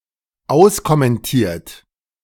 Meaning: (verb) past participle of auskommentieren; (adjective) commented out
- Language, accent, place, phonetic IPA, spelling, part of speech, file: German, Germany, Berlin, [ˈaʊ̯skɔmɛnˌtiːɐ̯t], auskommentiert, verb, De-auskommentiert.ogg